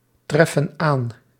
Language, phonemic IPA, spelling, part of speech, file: Dutch, /ˈtrɛfə(n) ˈan/, treffen aan, verb, Nl-treffen aan.ogg
- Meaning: inflection of aantreffen: 1. plural present indicative 2. plural present subjunctive